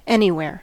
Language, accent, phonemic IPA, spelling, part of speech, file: English, US, /ˈɛn.i.(h)wɛɹ/, anywhere, adverb / pronoun / noun, En-us-anywhere.ogg
- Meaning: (adverb) 1. In or at any location 2. To (in the direction of) any location; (pronoun) Any location or an unknown location